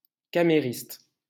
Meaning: maid (or similar servant)
- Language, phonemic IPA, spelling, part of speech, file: French, /ka.me.ʁist/, camériste, noun, LL-Q150 (fra)-camériste.wav